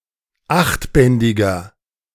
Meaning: inflection of achtbändig: 1. strong/mixed nominative masculine singular 2. strong genitive/dative feminine singular 3. strong genitive plural
- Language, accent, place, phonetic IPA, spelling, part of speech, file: German, Germany, Berlin, [ˈaxtˌbɛndɪɡɐ], achtbändiger, adjective, De-achtbändiger.ogg